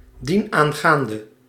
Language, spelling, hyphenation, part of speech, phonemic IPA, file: Dutch, dienaangaande, dien‧aan‧gaan‧de, adverb, /ˌdin.aːnˈɣaːn.də/, Nl-dienaangaande.ogg
- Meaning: concerning that, regarding that